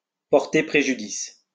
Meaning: to be prejudicial to, to harm, to cause harm to, to be to (someone's) disadvantage
- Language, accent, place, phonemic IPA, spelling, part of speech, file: French, France, Lyon, /pɔʁ.te pʁe.ʒy.dis/, porter préjudice, verb, LL-Q150 (fra)-porter préjudice.wav